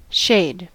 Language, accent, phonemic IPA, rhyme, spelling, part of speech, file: English, US, /ʃeɪd/, -eɪd, shade, noun / verb, En-us-shade.ogg
- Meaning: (noun) 1. Darkness where light, particularly sunlight, is blocked 2. Something that blocks light, particularly in a window